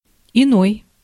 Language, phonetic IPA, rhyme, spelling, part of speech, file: Russian, [ɪˈnoj], -oj, иной, determiner, Ru-иной.ogg
- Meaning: 1. other, another, different 2. some, many a